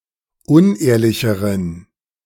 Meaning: inflection of unehrlich: 1. strong genitive masculine/neuter singular comparative degree 2. weak/mixed genitive/dative all-gender singular comparative degree
- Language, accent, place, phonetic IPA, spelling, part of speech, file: German, Germany, Berlin, [ˈʊnˌʔeːɐ̯lɪçəʁən], unehrlicheren, adjective, De-unehrlicheren.ogg